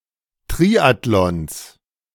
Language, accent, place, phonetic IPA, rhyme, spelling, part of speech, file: German, Germany, Berlin, [ˈtʁiːatlɔns], -iːatlɔns, Triathlons, noun, De-Triathlons.ogg
- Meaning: genitive singular of Triathlon